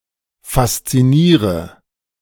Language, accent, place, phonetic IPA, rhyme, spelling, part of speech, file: German, Germany, Berlin, [fast͡siˈniːʁə], -iːʁə, fasziniere, verb, De-fasziniere.ogg
- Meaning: inflection of faszinieren: 1. first-person singular present 2. first/third-person singular subjunctive I 3. singular imperative